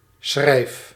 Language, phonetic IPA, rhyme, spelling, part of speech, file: Dutch, [s̠xrɛi̯f], -ɛi̯f, schrijf, verb, Nl-schrijf.ogg
- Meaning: inflection of schrijven: 1. first-person singular present indicative 2. second-person singular present indicative 3. imperative